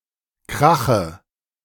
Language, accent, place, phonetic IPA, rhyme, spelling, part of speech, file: German, Germany, Berlin, [ˈkʁaxə], -axə, Krache, noun, De-Krache.ogg
- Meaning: dative singular of Krach